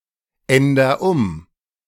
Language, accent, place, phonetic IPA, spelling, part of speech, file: German, Germany, Berlin, [ˌɛndɐ ˈʊm], änder um, verb, De-änder um.ogg
- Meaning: inflection of umändern: 1. first-person singular present 2. singular imperative